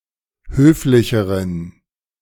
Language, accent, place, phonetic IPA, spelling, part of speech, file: German, Germany, Berlin, [ˈhøːflɪçəʁən], höflicheren, adjective, De-höflicheren.ogg
- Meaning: inflection of höflich: 1. strong genitive masculine/neuter singular comparative degree 2. weak/mixed genitive/dative all-gender singular comparative degree